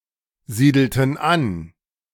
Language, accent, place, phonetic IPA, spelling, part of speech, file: German, Germany, Berlin, [ˌziːdl̩tn̩ ˈan], siedelten an, verb, De-siedelten an.ogg
- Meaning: inflection of ansiedeln: 1. first/third-person plural preterite 2. first/third-person plural subjunctive II